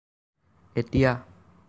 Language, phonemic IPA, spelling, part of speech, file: Assamese, /ɛtia/, এতিয়া, adverb, As-এতিয়া.ogg
- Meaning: now